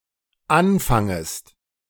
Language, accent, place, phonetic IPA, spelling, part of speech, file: German, Germany, Berlin, [ˈanˌfaŋəst], anfangest, verb, De-anfangest.ogg
- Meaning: second-person singular dependent subjunctive I of anfangen